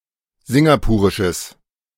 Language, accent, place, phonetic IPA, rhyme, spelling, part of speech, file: German, Germany, Berlin, [ˈzɪŋɡapuːʁɪʃəs], -uːʁɪʃəs, singapurisches, adjective, De-singapurisches.ogg
- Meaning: strong/mixed nominative/accusative neuter singular of singapurisch